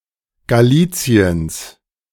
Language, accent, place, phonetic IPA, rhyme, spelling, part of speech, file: German, Germany, Berlin, [ɡaˈliːt͡si̯əns], -iːt͡si̯əns, Galiciens, noun, De-Galiciens.ogg
- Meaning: genitive singular of Galicien